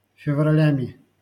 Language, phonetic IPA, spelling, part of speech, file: Russian, [fʲɪvrɐˈlʲæmʲɪ], февралями, noun, LL-Q7737 (rus)-февралями.wav
- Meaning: instrumental plural of февра́ль (fevrálʹ)